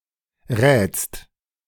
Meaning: second-person singular present of raten
- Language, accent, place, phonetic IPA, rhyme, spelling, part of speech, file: German, Germany, Berlin, [ʁɛːt͡st], -ɛːt͡st, rätst, verb, De-rätst.ogg